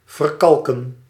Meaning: to calcify
- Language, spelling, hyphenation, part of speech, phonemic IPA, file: Dutch, verkalken, ver‧kal‧ken, verb, /vərˈkɑlkə(n)/, Nl-verkalken.ogg